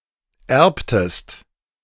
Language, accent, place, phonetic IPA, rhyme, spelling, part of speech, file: German, Germany, Berlin, [ˈɛʁptəst], -ɛʁptəst, erbtest, verb, De-erbtest.ogg
- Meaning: inflection of erben: 1. second-person singular preterite 2. second-person singular subjunctive II